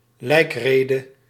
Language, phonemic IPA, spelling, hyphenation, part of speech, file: Dutch, /ˈlɛi̯kˌreː.də/, lijkrede, lijk‧re‧de, noun, Nl-lijkrede.ogg
- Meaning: eulogy, discourse or sermon said at a funeral